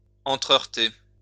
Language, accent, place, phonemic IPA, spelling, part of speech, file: French, France, Lyon, /ɑ̃.tʁə.œʁ.te/, entre-heurter, verb, LL-Q150 (fra)-entre-heurter.wav
- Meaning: to hit one another